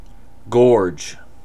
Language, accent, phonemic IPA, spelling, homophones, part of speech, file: English, General American, /ɡɔɹd͡ʒ/, gorge, gorg, noun / verb / adjective, En-us-gorge.ogg
- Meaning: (noun) 1. The front aspect of the neck; the outside of the throat 2. The inside of the throat; the esophagus, the gullet; (falconry, specifically) the crop or gizzard of a hawk